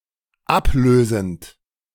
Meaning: present participle of ablösen
- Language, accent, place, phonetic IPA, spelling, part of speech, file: German, Germany, Berlin, [ˈapˌløːzn̩t], ablösend, verb, De-ablösend.ogg